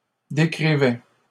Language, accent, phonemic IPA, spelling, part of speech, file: French, Canada, /de.kʁi.vɛ/, décrivait, verb, LL-Q150 (fra)-décrivait.wav
- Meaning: third-person singular imperfect indicative of décrire